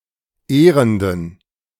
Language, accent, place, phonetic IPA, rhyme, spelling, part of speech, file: German, Germany, Berlin, [ˈeːʁəndn̩], -eːʁəndn̩, ehrenden, adjective, De-ehrenden.ogg
- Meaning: inflection of ehrend: 1. strong genitive masculine/neuter singular 2. weak/mixed genitive/dative all-gender singular 3. strong/weak/mixed accusative masculine singular 4. strong dative plural